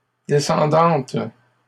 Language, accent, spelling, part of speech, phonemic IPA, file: French, Canada, descendantes, adjective, /de.sɑ̃.dɑ̃t/, LL-Q150 (fra)-descendantes.wav
- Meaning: feminine plural of descendant